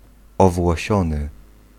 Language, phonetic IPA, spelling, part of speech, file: Polish, [ˌɔvwɔˈɕɔ̃nɨ], owłosiony, adjective, Pl-owłosiony.ogg